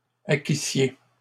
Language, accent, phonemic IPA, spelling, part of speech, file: French, Canada, /a.ki.sje/, acquissiez, verb, LL-Q150 (fra)-acquissiez.wav
- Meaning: second-person plural imperfect subjunctive of acquérir